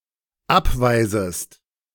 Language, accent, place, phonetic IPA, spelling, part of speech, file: German, Germany, Berlin, [ˈapˌvaɪ̯zəst], abweisest, verb, De-abweisest.ogg
- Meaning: second-person singular dependent subjunctive I of abweisen